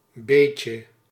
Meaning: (adverb) a bit, a little bit, somewhat; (determiner) 1. a bit of, a little bit of, some (before mass nouns) 2. something of, anyone or anything worth its salt (before countable nouns)
- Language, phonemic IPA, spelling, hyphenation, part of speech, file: Dutch, /ˈbeːtjə/, beetje, beet‧je, adverb / determiner / noun, Nl-beetje.ogg